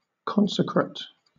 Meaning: 1. Consecrated 2. Consecrated, devoted, dedicated, sacred
- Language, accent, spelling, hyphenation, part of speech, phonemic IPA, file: English, Southern England, consecrate, con‧se‧crate, adjective, /ˈkɒnsəkɹət/, LL-Q1860 (eng)-consecrate.wav